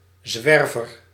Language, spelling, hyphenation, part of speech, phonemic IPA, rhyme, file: Dutch, zwerver, zwer‧ver, noun, /ˈzʋɛr.vər/, -ɛrvər, Nl-zwerver.ogg
- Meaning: a vagabond, a vagrant, a tramp